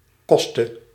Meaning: singular present subjunctive of kosten
- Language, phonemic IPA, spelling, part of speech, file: Dutch, /ˈkɔstə/, koste, noun / verb, Nl-koste.ogg